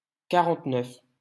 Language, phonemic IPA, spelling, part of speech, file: French, /ka.ʁɑ̃t.nœf/, quarante-neuf, numeral, LL-Q150 (fra)-quarante-neuf.wav
- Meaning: forty-nine